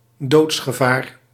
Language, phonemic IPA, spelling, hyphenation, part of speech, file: Dutch, /ˈdoːts.xəˌvaːr/, doodsgevaar, doods‧ge‧vaar, noun, Nl-doodsgevaar.ogg
- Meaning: mortal danger, lethal danger